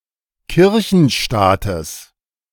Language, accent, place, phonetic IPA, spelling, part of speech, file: German, Germany, Berlin, [ˈkɪʁçn̩ˌʃtaːtəs], Kirchenstaates, noun, De-Kirchenstaates.ogg
- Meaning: genitive singular of Kirchenstaat